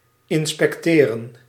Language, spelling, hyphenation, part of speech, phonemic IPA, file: Dutch, inspecteren, in‧spec‧te‧ren, verb, /ˌɪn.spɛkˈteː.rə(n)/, Nl-inspecteren.ogg
- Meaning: to inspect, to examine